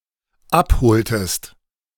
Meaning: inflection of abholen: 1. second-person singular dependent preterite 2. second-person singular dependent subjunctive II
- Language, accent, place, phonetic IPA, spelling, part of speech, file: German, Germany, Berlin, [ˈapˌhoːltəst], abholtest, verb, De-abholtest.ogg